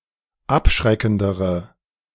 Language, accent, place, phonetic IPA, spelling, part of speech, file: German, Germany, Berlin, [ˈapˌʃʁɛkn̩dəʁə], abschreckendere, adjective, De-abschreckendere.ogg
- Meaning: inflection of abschreckend: 1. strong/mixed nominative/accusative feminine singular comparative degree 2. strong nominative/accusative plural comparative degree